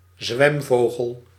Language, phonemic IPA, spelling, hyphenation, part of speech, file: Dutch, /ˈzʋɛmˌvoː.ɣəl/, zwemvogel, zwem‧vo‧gel, noun, Nl-zwemvogel.ogg
- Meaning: waterbird that primarily swims